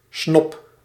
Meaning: snob
- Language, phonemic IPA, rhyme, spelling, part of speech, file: Dutch, /snɔp/, -ɔp, snob, noun, Nl-snob.ogg